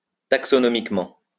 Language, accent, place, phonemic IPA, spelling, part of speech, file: French, France, Lyon, /tak.sɔ.nɔ.mik.mɑ̃/, taxonomiquement, adverb, LL-Q150 (fra)-taxonomiquement.wav
- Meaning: taxonomically